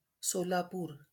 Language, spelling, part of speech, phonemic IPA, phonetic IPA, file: Marathi, सोलापूर, proper noun, /so.la.puɾ/, [so.la.puːɾ], LL-Q1571 (mar)-सोलापूर.wav
- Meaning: Solapur (a city in Maharashtra, India)